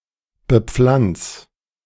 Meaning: 1. singular imperative of bepflanzen 2. first-person singular present of bepflanzen
- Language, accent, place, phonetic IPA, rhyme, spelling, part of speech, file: German, Germany, Berlin, [bəˈp͡flant͡s], -ant͡s, bepflanz, verb, De-bepflanz.ogg